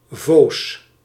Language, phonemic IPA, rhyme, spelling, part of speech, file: Dutch, /voːs/, -oːs, voos, adjective, Nl-voos.ogg
- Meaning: 1. weak, feeble, unsteady 2. numb, insensitive, insensible (without (sense of) physical feeling) 3. weak, soft, spongy, porous 4. lethargic, unenergetic 5. immoral, rotten, corrupt, evil